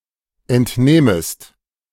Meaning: second-person singular subjunctive I of entnehmen
- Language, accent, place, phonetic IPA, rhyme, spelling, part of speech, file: German, Germany, Berlin, [ˌɛntˈnɛːməst], -ɛːməst, entnähmest, verb, De-entnähmest.ogg